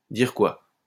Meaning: to keep updated, to keep informed
- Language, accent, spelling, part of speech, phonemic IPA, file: French, France, dire quoi, verb, /diʁ kwa/, LL-Q150 (fra)-dire quoi.wav